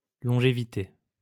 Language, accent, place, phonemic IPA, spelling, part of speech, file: French, France, Lyon, /lɔ̃.ʒe.vi.te/, longévité, noun, LL-Q150 (fra)-longévité.wav
- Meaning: 1. longevity 2. lifespan